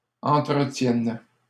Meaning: first/third-person singular present subjunctive of entretenir
- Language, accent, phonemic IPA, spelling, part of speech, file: French, Canada, /ɑ̃.tʁə.tjɛn/, entretienne, verb, LL-Q150 (fra)-entretienne.wav